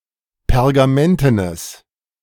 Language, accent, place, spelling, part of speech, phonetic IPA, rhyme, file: German, Germany, Berlin, pergamentenes, adjective, [pɛʁɡaˈmɛntənəs], -ɛntənəs, De-pergamentenes.ogg
- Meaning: strong/mixed nominative/accusative neuter singular of pergamenten